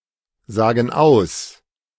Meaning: inflection of aussagen: 1. first/third-person plural present 2. first/third-person plural subjunctive I
- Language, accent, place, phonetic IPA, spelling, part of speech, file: German, Germany, Berlin, [ˌzaːɡn̩ ˈaʊ̯s], sagen aus, verb, De-sagen aus.ogg